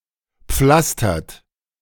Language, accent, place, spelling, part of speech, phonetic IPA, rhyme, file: German, Germany, Berlin, pflastert, verb, [ˈp͡flastɐt], -astɐt, De-pflastert.ogg
- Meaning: inflection of pflastern: 1. second-person plural present 2. third-person singular present 3. plural imperative